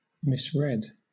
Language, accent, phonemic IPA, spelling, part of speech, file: English, Southern England, /ˈmɪs.ɹiːd/, misread, verb / noun, LL-Q1860 (eng)-misread.wav
- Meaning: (verb) To read wrongly; misconstrue; misinterpret; mistake the sense or significance of; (noun) An instance of reading wrongly